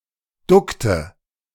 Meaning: inflection of ducken: 1. first/third-person singular preterite 2. first/third-person singular subjunctive II
- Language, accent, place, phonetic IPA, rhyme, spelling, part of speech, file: German, Germany, Berlin, [ˈdʊktə], -ʊktə, duckte, verb, De-duckte.ogg